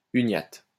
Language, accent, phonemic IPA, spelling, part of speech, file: French, France, /y.njat/, uniate, adjective / noun, LL-Q150 (fra)-uniate.wav
- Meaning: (adjective) Uniate